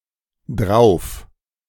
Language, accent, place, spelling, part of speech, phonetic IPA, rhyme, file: German, Germany, Berlin, drauf, adverb, [dʁaʊ̯f], -aʊ̯f, De-drauf.ogg
- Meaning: 1. alternative form of darauf 2. high